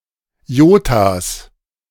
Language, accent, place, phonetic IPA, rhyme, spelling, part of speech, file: German, Germany, Berlin, [ˈjoːtas], -oːtas, Iotas, noun, De-Iotas.ogg
- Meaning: plural of Iota